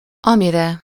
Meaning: sublative singular of ami
- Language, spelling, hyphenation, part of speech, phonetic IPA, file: Hungarian, amire, ami‧re, pronoun, [ˈɒmirɛ], Hu-amire.ogg